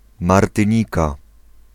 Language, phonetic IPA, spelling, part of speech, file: Polish, [ˌmartɨ̃ˈɲika], Martynika, proper noun, Pl-Martynika.ogg